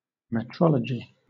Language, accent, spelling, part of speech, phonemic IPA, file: English, Southern England, metrology, noun, /mɛtˈɹɒl.ə.d͡ʒɪ/, LL-Q1860 (eng)-metrology.wav
- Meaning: 1. The science of weights and measures or of measurement 2. A system of weights and measures